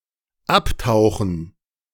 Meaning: 1. to submerge; to plunge, descend 2. to go to ground, disappear
- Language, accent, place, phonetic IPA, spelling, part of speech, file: German, Germany, Berlin, [ˈapˌtaʊ̯xn̩], abtauchen, verb, De-abtauchen.ogg